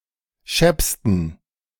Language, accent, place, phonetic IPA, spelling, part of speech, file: German, Germany, Berlin, [ˈʃɛpstn̩], scheppsten, adjective, De-scheppsten.ogg
- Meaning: 1. superlative degree of schepp 2. inflection of schepp: strong genitive masculine/neuter singular superlative degree